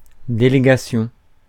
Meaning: 1. delegation 2. devolvement
- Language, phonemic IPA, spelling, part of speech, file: French, /de.le.ɡa.sjɔ̃/, délégation, noun, Fr-délégation.ogg